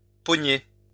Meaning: 1. to catch 2. to grab, to grasp 3. to seize 4. to be arrested or frozen (by a notion or emotion) 5. to surprise, to run into, to find out (someone in the act of wrongdoing, someone in hiding)
- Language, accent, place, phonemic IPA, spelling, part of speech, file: French, France, Lyon, /pɔ.ɲe/, pogner, verb, LL-Q150 (fra)-pogner.wav